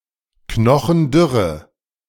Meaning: inflection of knochendürr: 1. strong/mixed nominative/accusative feminine singular 2. strong nominative/accusative plural 3. weak nominative all-gender singular
- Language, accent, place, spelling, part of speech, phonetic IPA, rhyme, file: German, Germany, Berlin, knochendürre, adjective, [ˈknɔxn̩ˈdʏʁə], -ʏʁə, De-knochendürre.ogg